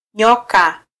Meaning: 1. snake 2. worm
- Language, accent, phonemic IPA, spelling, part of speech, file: Swahili, Kenya, /ˈɲɔ.kɑ/, nyoka, noun, Sw-ke-nyoka.flac